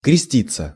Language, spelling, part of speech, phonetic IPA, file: Russian, креститься, verb, [krʲɪˈsʲtʲit͡sːə], Ru-креститься.ogg
- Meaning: 1. to be baptized, to be christened 2. passive of крести́ть (krestítʹ) 3. to cross oneself